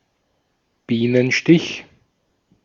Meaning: 1. bee sting 2. type of flat cake, filled with custard or cream and coated with almonds and sugar
- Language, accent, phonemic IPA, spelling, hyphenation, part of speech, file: German, Austria, /ˈbiːnənˌʃtɪç/, Bienenstich, Bie‧nen‧stich, noun, De-at-Bienenstich.ogg